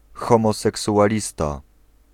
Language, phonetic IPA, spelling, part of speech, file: Polish, [ˌxɔ̃mɔsɛksuʷaˈlʲista], homoseksualista, noun, Pl-homoseksualista.ogg